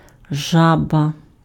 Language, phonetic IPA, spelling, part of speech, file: Ukrainian, [ˈʒabɐ], жаба, noun, Uk-жаба.ogg
- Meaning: 1. frog 2. quinsy, tonsillitis